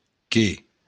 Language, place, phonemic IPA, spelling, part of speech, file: Occitan, Béarn, /ke/, que, pronoun / conjunction, LL-Q14185 (oci)-que.wav
- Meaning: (pronoun) that, which; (conjunction) 1. that 2. than